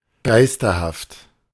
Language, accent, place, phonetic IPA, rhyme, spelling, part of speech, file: German, Germany, Berlin, [ˈɡaɪ̯stɐhaft], -aɪ̯stɐhaft, geisterhaft, adjective, De-geisterhaft.ogg
- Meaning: ghostly, spectral, unearthly